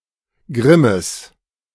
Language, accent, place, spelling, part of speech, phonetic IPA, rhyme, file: German, Germany, Berlin, Grimmes, noun, [ˈɡʁɪməs], -ɪməs, De-Grimmes.ogg
- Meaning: genitive of Grimm